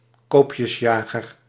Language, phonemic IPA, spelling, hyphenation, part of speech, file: Dutch, /ˈkoːp.jəsˌjaː.ɣər/, koopjesjager, koop‧jes‧ja‧ger, noun, Nl-koopjesjager.ogg
- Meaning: a bargain hunter